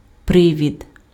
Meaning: 1. occasion 2. pretext, pretense 3. cause, reason 4. cloak, cover
- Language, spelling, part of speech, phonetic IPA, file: Ukrainian, привід, noun, [ˈprɪʋʲid], Uk-привід.ogg